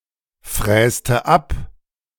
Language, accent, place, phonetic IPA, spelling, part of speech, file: German, Germany, Berlin, [ˌfʁɛːstə ˈap], fräste ab, verb, De-fräste ab.ogg
- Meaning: inflection of abfräsen: 1. first/third-person singular preterite 2. first/third-person singular subjunctive II